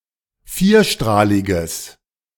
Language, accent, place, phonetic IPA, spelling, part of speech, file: German, Germany, Berlin, [ˈfiːɐ̯ˌʃtʁaːlɪɡəs], vierstrahliges, adjective, De-vierstrahliges.ogg
- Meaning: strong/mixed nominative/accusative neuter singular of vierstrahlig